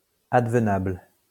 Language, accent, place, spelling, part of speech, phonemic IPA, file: French, France, Lyon, advenable, adjective, /ad.və.nabl/, LL-Q150 (fra)-advenable.wav
- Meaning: happenable